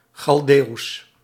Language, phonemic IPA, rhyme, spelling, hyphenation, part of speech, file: Dutch, /xɑlˈdeːu̯s/, -eːu̯s, Chaldeeuws, Chal‧deeuws, proper noun / adjective, Nl-Chaldeeuws.ogg
- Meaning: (proper noun) Chaldean